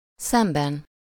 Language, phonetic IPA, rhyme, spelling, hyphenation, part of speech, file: Hungarian, [ˈsɛmbɛn], -ɛn, szemben, szem‧ben, noun / adverb / postposition, Hu-szemben.ogg
- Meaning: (noun) inessive singular of szem; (adverb) across, opposite; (postposition) 1. opposite (with -val/-vel) 2. versus, as opposed to, as compared to (with -val/-vel)